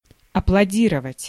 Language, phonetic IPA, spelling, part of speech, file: Russian, [ɐpɫɐˈdʲirəvətʲ], аплодировать, verb, Ru-аплодировать.ogg
- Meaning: to applaud, to cheer, to clap